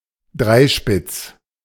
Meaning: tricorn
- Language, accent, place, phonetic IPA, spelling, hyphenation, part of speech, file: German, Germany, Berlin, [ˈdʁaɪ̯ˌʃpɪt͡s], Dreispitz, Drei‧spitz, noun, De-Dreispitz.ogg